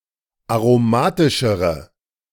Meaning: inflection of aromatisch: 1. strong/mixed nominative/accusative feminine singular comparative degree 2. strong nominative/accusative plural comparative degree
- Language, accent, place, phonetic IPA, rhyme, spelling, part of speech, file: German, Germany, Berlin, [aʁoˈmaːtɪʃəʁə], -aːtɪʃəʁə, aromatischere, adjective, De-aromatischere.ogg